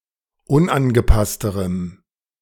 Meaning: strong dative masculine/neuter singular comparative degree of unangepasst
- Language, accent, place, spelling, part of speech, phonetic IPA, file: German, Germany, Berlin, unangepassterem, adjective, [ˈʊnʔanɡəˌpastəʁəm], De-unangepassterem.ogg